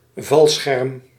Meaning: parachute
- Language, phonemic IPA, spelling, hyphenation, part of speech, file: Dutch, /ˈvɑl.sxɛrm/, valscherm, val‧scherm, noun, Nl-valscherm.ogg